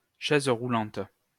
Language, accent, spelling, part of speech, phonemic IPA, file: French, France, chaise roulante, noun, /ʃɛz ʁu.lɑ̃t/, LL-Q150 (fra)-chaise roulante.wav
- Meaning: wheelchair